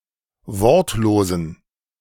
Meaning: inflection of wortlos: 1. strong genitive masculine/neuter singular 2. weak/mixed genitive/dative all-gender singular 3. strong/weak/mixed accusative masculine singular 4. strong dative plural
- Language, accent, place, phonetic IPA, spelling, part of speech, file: German, Germany, Berlin, [ˈvɔʁtloːzn̩], wortlosen, adjective, De-wortlosen.ogg